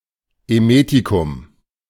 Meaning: emetic (an agent that induces vomiting)
- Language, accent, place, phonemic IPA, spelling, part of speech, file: German, Germany, Berlin, /eˈmeːtikʊm/, Emetikum, noun, De-Emetikum.ogg